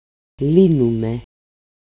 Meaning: first-person plural present of λύνω (lýno)
- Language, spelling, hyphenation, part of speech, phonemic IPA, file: Greek, λύνουμε, λύ‧νου‧με, verb, /ˈli.nu.me/, El-λύνουμε.ogg